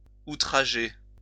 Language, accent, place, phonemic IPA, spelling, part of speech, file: French, France, Lyon, /u.tʁa.ʒe/, outrager, verb, LL-Q150 (fra)-outrager.wav
- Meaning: 1. to offend greatly, insult 2. to outrage 3. to rape